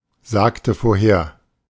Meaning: inflection of vorhersagen: 1. first/third-person singular preterite 2. first/third-person singular subjunctive II
- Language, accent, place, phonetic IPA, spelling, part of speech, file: German, Germany, Berlin, [ˌzaːktə foːɐ̯ˈheːɐ̯], sagte vorher, verb, De-sagte vorher.ogg